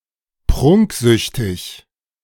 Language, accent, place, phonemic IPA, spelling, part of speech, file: German, Germany, Berlin, /ˈpʁʊŋkˌzʏçtɪç/, prunksüchtig, adjective, De-prunksüchtig.ogg
- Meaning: addicted to luxury